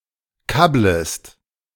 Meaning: second-person singular subjunctive I of kabbeln
- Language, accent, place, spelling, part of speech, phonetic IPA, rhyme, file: German, Germany, Berlin, kabblest, verb, [ˈkabləst], -abləst, De-kabblest.ogg